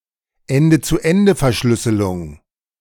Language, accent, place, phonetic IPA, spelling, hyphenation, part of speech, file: German, Germany, Berlin, [ˈɛndə t͡suː ˌɛndə fɛɐ̯ʃlʏsəlʊŋ], Ende-zu-Ende-Verschlüsselung, En‧de-zu-En‧de-Ver‧schlüs‧se‧lung, noun, De-Ende-zu-Ende-Verschlüsselung.ogg
- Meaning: end-to-end encryption